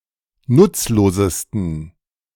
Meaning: 1. superlative degree of nutzlos 2. inflection of nutzlos: strong genitive masculine/neuter singular superlative degree
- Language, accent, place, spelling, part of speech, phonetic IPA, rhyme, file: German, Germany, Berlin, nutzlosesten, adjective, [ˈnʊt͡sloːzəstn̩], -ʊt͡sloːzəstn̩, De-nutzlosesten.ogg